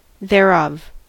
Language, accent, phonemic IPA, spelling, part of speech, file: English, US, /ðɛˈɹʌv/, thereof, adverb, En-us-thereof.ogg
- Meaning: 1. Of this, that, or it 2. From that circumstance or origin; therefrom, thence